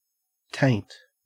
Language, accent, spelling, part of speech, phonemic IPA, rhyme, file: English, Australia, taint, noun / verb / contraction, /teɪnt/, -eɪnt, En-au-taint.ogg
- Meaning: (noun) 1. A contamination, decay or putrefaction, especially in food 2. A tinge, trace or touch 3. A mark of disgrace, especially on one's character; blemish 4. Tincture; hue; colour